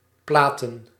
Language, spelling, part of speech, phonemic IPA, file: Dutch, platen, noun, /ˈplatə(n)/, Nl-platen.ogg
- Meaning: plural of plaat